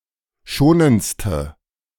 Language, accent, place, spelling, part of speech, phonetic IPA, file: German, Germany, Berlin, schonendste, adjective, [ˈʃoːnənt͡stə], De-schonendste.ogg
- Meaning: inflection of schonend: 1. strong/mixed nominative/accusative feminine singular superlative degree 2. strong nominative/accusative plural superlative degree